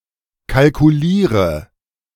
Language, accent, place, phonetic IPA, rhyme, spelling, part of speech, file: German, Germany, Berlin, [kalkuˈliːʁə], -iːʁə, kalkuliere, verb, De-kalkuliere.ogg
- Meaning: inflection of kalkulieren: 1. first-person singular present 2. first/third-person singular subjunctive I 3. singular imperative